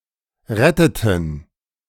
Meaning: inflection of retten: 1. first/third-person plural preterite 2. first/third-person plural subjunctive II
- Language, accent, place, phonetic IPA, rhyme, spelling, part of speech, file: German, Germany, Berlin, [ˈʁɛtətn̩], -ɛtətn̩, retteten, verb, De-retteten.ogg